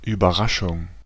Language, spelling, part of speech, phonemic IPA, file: German, Überraschung, noun, /yːbɐˈʁaʃʊŋ/, De-Überraschung.ogg
- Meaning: surprise